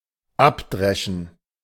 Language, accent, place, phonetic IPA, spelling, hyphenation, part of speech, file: German, Germany, Berlin, [ˈapˌdʁɛʃn̩], abdreschen, ab‧dre‧schen, verb, De-abdreschen.ogg
- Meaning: to thresh